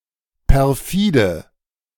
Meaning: perfidious
- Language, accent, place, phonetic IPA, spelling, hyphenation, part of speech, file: German, Germany, Berlin, [pɛʁˈfiːdə], perfide, per‧fi‧de, adjective, De-perfide.ogg